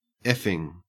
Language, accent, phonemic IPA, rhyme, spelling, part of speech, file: English, Australia, /ˈɛfɪŋ/, -ɛfɪŋ, effing, adjective / adverb / verb, En-au-effing.ogg
- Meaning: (adjective) Minced oath of fucking; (verb) present participle and gerund of eff